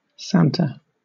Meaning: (proper noun) Ellipsis of Santa Claus; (noun) 1. An instance of someone dressed up as Santa 2. An instance of any likeness of Santa; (proper noun) A female given name from Italian
- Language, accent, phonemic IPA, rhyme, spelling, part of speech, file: English, Southern England, /ˈsæntə/, -æntə, Santa, proper noun / noun, LL-Q1860 (eng)-Santa.wav